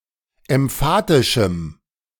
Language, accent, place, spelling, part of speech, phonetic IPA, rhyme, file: German, Germany, Berlin, emphatischem, adjective, [ɛmˈfaːtɪʃm̩], -aːtɪʃm̩, De-emphatischem.ogg
- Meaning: strong dative masculine/neuter singular of emphatisch